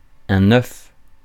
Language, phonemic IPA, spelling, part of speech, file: French, /œf/, oeuf, noun, Fr-oeuf.ogg
- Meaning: nonstandard spelling of œuf